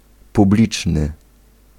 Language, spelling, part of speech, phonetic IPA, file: Polish, publiczny, adjective, [puˈblʲit͡ʃnɨ], Pl-publiczny.ogg